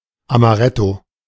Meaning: amaretto (liqueur)
- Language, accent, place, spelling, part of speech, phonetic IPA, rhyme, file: German, Germany, Berlin, Amaretto, noun, [amaˈʁɛto], -ɛto, De-Amaretto.ogg